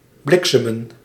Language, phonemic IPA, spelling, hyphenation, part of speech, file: Dutch, /ˈblɪksəmə(n)/, bliksemen, blik‧se‧men, verb, Nl-bliksemen.ogg
- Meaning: to flash (lightning)